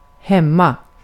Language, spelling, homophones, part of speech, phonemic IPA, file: Swedish, hemma, hämma, adverb / adjective, /²hɛmːa/, Sv-hemma.ogg
- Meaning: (adverb) 1. at home; at one’s place of residence 2. at home; in the home of one’s parents; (adjective) at home, on one's home ground